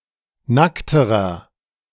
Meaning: inflection of nackt: 1. strong/mixed nominative masculine singular comparative degree 2. strong genitive/dative feminine singular comparative degree 3. strong genitive plural comparative degree
- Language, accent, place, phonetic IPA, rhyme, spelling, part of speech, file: German, Germany, Berlin, [ˈnaktəʁɐ], -aktəʁɐ, nackterer, adjective, De-nackterer.ogg